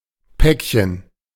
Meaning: 1. packet, pack, package 2. small parcel 3. A specific type of small parcel with a defined maximum weight and size
- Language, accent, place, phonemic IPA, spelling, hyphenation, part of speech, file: German, Germany, Berlin, /ˈpɛkçən/, Päckchen, Päck‧chen, noun, De-Päckchen.ogg